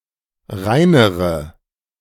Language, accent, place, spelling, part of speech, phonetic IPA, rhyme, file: German, Germany, Berlin, reinere, adjective, [ˈʁaɪ̯nəʁə], -aɪ̯nəʁə, De-reinere.ogg
- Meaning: inflection of rein: 1. strong/mixed nominative/accusative feminine singular comparative degree 2. strong nominative/accusative plural comparative degree